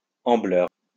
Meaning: ambling (of a quadruped, walking with front and back legs in phase)
- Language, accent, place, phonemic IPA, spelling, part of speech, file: French, France, Lyon, /ɑ̃.blœʁ/, ambleur, adjective, LL-Q150 (fra)-ambleur.wav